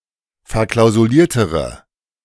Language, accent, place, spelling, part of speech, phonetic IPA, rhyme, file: German, Germany, Berlin, verklausuliertere, adjective, [fɛɐ̯ˌklaʊ̯zuˈliːɐ̯təʁə], -iːɐ̯təʁə, De-verklausuliertere.ogg
- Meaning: inflection of verklausuliert: 1. strong/mixed nominative/accusative feminine singular comparative degree 2. strong nominative/accusative plural comparative degree